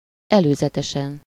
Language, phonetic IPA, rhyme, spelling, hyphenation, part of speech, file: Hungarian, [ˈɛløːzɛtɛʃɛn], -ɛn, előzetesen, elő‧ze‧te‧sen, adverb / adjective / noun, Hu-előzetesen.ogg
- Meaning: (adverb) beforehand, in advance; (adjective) superessive singular of előzetes